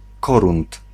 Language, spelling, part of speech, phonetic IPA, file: Polish, korund, noun, [ˈkɔrũnt], Pl-korund.ogg